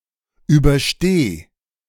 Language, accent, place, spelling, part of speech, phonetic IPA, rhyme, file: German, Germany, Berlin, übersteh, verb, [ˌyːbɐˈʃteː], -eː, De-übersteh.ogg
- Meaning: singular imperative of überstehen